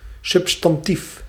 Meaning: substantive, noun
- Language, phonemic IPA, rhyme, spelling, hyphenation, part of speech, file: Dutch, /ˌsʏb.stɑnˈtif/, -if, substantief, sub‧stan‧tief, noun, Nl-substantief.ogg